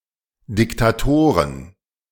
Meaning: plural of Diktator
- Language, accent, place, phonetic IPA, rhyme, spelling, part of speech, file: German, Germany, Berlin, [dɪktaˈtoːʁən], -oːʁən, Diktatoren, noun, De-Diktatoren.ogg